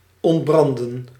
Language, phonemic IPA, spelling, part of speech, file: Dutch, /ˌɔntˈbrɑn.də(n)/, ontbranden, verb, Nl-ontbranden.ogg
- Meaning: to ignite, flare up, take fire